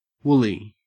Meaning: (adjective) 1. Made of wool 2. Having a thick, soft texture, as if made of wool 3. Unclear, fuzzy, hazy, cloudy 4. Clothed in wool 5. Cross; irritable 6. Uncivilized and unruly
- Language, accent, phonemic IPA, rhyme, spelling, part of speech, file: English, Australia, /ˈwʊli/, -ʊli, woolly, adjective / noun, En-au-woolly.ogg